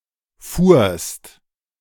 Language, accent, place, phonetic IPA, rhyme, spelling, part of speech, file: German, Germany, Berlin, [fuːɐ̯st], -uːɐ̯st, fuhrst, verb, De-fuhrst.ogg
- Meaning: second-person singular preterite of fahren